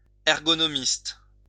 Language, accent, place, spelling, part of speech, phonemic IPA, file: French, France, Lyon, ergonomiste, noun, /ɛʁ.ɡɔ.nɔ.mist/, LL-Q150 (fra)-ergonomiste.wav
- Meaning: ergonomist